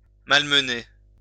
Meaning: 1. to mistreat 2. to misuse, use incorrectly
- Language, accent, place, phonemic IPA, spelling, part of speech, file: French, France, Lyon, /mal.mə.ne/, malmener, verb, LL-Q150 (fra)-malmener.wav